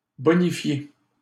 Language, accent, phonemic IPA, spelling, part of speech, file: French, Canada, /bɔ.ni.fje/, bonifier, verb, LL-Q150 (fra)-bonifier.wav
- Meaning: to improve